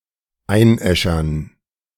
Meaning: to cremate
- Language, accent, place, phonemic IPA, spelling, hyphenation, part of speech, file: German, Germany, Berlin, /ˈaɪ̯nˌʔɛʃɐn/, einäschern, ein‧äschern, verb, De-einäschern.ogg